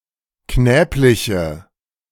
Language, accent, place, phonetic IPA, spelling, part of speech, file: German, Germany, Berlin, [ˈknɛːplɪçə], knäbliche, adjective, De-knäbliche.ogg
- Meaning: inflection of knäblich: 1. strong/mixed nominative/accusative feminine singular 2. strong nominative/accusative plural 3. weak nominative all-gender singular